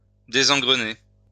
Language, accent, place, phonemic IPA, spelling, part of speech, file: French, France, Lyon, /de.zɑ̃.ɡʁə.ne/, désengrener, verb, LL-Q150 (fra)-désengrener.wav
- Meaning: to throw out of gear